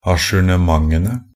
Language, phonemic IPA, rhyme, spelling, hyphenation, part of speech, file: Norwegian Bokmål, /aʃʉːɳəˈmaŋənə/, -ənə, ajournementene, a‧jour‧ne‧ment‧en‧e, noun, Nb-ajournementene.ogg
- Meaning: definite plural of ajournement